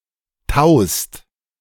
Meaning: second-person singular present of tauen
- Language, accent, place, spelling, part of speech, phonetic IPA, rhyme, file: German, Germany, Berlin, taust, verb, [taʊ̯st], -aʊ̯st, De-taust.ogg